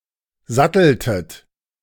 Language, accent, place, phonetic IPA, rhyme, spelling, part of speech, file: German, Germany, Berlin, [ˈzatl̩tət], -atl̩tət, satteltet, verb, De-satteltet.ogg
- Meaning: inflection of satteln: 1. second-person plural preterite 2. second-person plural subjunctive II